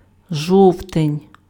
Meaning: October
- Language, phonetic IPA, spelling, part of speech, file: Ukrainian, [ˈʒɔu̯tenʲ], жовтень, noun, Uk-жовтень.ogg